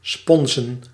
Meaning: plural of spons
- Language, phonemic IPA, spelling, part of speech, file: Dutch, /ˈspɔnzə(n)/, sponzen, noun / verb, Nl-sponzen.ogg